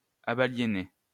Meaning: third-person plural imperfect indicative of abaliéner
- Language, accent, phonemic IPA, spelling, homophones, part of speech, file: French, France, /a.ba.lje.nɛ/, abaliénaient, abaliénais / abaliénait, verb, LL-Q150 (fra)-abaliénaient.wav